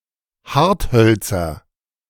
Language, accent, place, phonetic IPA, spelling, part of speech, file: German, Germany, Berlin, [ˈhaʁtˌhœlt͡sɐ], Harthölzer, noun, De-Harthölzer.ogg
- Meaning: nominative/accusative/genitive plural of Hartholz